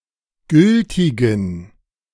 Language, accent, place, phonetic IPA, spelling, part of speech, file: German, Germany, Berlin, [ˈɡʏltɪɡn̩], gültigen, adjective, De-gültigen.ogg
- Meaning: inflection of gültig: 1. strong genitive masculine/neuter singular 2. weak/mixed genitive/dative all-gender singular 3. strong/weak/mixed accusative masculine singular 4. strong dative plural